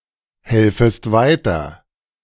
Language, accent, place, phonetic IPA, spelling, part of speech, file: German, Germany, Berlin, [ˌhɛlfəst ˈvaɪ̯tɐ], helfest weiter, verb, De-helfest weiter.ogg
- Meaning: second-person singular subjunctive I of weiterhelfen